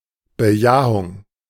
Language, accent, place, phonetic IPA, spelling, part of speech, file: German, Germany, Berlin, [bəˈjaːʊŋ], Bejahung, noun, De-Bejahung.ogg
- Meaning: yes, affirmation